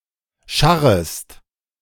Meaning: second-person singular subjunctive I of scharren
- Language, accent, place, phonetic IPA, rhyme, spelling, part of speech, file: German, Germany, Berlin, [ˈʃaʁəst], -aʁəst, scharrest, verb, De-scharrest.ogg